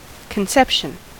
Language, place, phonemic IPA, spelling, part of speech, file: English, California, /kənˈsɛpʃən/, conception, noun, En-us-conception.ogg
- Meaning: 1. The act of conceiving 2. The state of being conceived; the beginning 3. The fertilization of an ovum by a sperm to form a zygote 4. The start of pregnancy